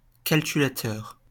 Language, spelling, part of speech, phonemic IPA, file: French, calculateur, adjective / noun, /kal.ky.la.tœʁ/, LL-Q150 (fra)-calculateur.wav
- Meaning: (adjective) calculating; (noun) 1. calculating person 2. calculator (“device”)